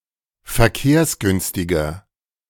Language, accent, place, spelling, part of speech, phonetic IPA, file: German, Germany, Berlin, verkehrsgünstiger, adjective, [fɛɐ̯ˈkeːɐ̯sˌɡʏnstɪɡɐ], De-verkehrsgünstiger.ogg
- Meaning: 1. comparative degree of verkehrsgünstig 2. inflection of verkehrsgünstig: strong/mixed nominative masculine singular 3. inflection of verkehrsgünstig: strong genitive/dative feminine singular